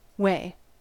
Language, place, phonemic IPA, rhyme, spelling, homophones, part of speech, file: English, California, /weɪ/, -eɪ, way, Wei / weigh / wey, noun / interjection / verb / adverb / adjective, En-us-way.ogg
- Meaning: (noun) To do with a place or places.: 1. A road, a direction, a (physical or conceptual) path from one place to another 2. A means to enter or leave a place 3. A roughly-defined geographical area